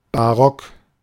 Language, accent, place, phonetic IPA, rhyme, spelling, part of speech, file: German, Germany, Berlin, [baˈʁɔk], -ɔk, barock, adjective, De-barock.ogg
- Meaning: baroque